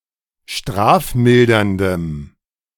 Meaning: strong dative masculine/neuter singular of strafmildernd
- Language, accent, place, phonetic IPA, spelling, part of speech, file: German, Germany, Berlin, [ˈʃtʁaːfˌmɪldɐndəm], strafmilderndem, adjective, De-strafmilderndem.ogg